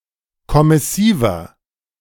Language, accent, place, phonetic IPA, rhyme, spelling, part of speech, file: German, Germany, Berlin, [kɔmɪˈsiːvɐ], -iːvɐ, kommissiver, adjective, De-kommissiver.ogg
- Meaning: inflection of kommissiv: 1. strong/mixed nominative masculine singular 2. strong genitive/dative feminine singular 3. strong genitive plural